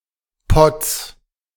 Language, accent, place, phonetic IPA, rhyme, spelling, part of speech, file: German, Germany, Berlin, [pɔt͡s], -ɔt͡s, Potts, proper noun / noun, De-Potts.ogg
- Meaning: genitive singular of Pott